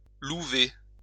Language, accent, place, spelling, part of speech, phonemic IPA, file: French, France, Lyon, louver, verb, /lu.ve/, LL-Q150 (fra)-louver.wav
- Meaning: to drill a hole in a stone for the attachment of a wedge